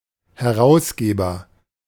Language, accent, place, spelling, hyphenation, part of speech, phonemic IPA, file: German, Germany, Berlin, Herausgeber, He‧r‧aus‧ge‧ber, noun, /hɛ.ʀˈaʊ̯s.ɡeː.bɐ/, De-Herausgeber.ogg
- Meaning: editor; publisher